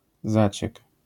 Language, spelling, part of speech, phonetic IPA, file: Polish, zaciek, noun, [ˈzat͡ɕɛk], LL-Q809 (pol)-zaciek.wav